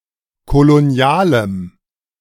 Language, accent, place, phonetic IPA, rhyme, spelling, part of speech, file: German, Germany, Berlin, [koloˈni̯aːləm], -aːləm, kolonialem, adjective, De-kolonialem.ogg
- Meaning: strong dative masculine/neuter singular of kolonial